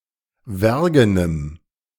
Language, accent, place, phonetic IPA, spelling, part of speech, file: German, Germany, Berlin, [ˈvɛʁɡənəm], wergenem, adjective, De-wergenem.ogg
- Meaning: strong dative masculine/neuter singular of wergen